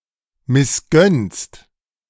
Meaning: second-person singular present of missgönnen
- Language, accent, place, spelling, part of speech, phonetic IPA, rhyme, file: German, Germany, Berlin, missgönnst, verb, [mɪsˈɡœnst], -œnst, De-missgönnst.ogg